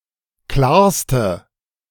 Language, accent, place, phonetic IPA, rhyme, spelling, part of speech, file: German, Germany, Berlin, [ˈklaːɐ̯stə], -aːɐ̯stə, klarste, adjective, De-klarste.ogg
- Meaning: inflection of klar: 1. strong/mixed nominative/accusative feminine singular superlative degree 2. strong nominative/accusative plural superlative degree